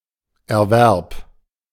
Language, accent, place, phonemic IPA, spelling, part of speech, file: German, Germany, Berlin, /ɛɐ̯ˈvɛʁp/, Erwerb, noun, De-Erwerb.ogg
- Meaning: 1. acquisition 2. earnings